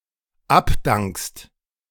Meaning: second-person singular dependent present of abdanken
- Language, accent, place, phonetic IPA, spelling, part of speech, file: German, Germany, Berlin, [ˈapˌdaŋkst], abdankst, verb, De-abdankst.ogg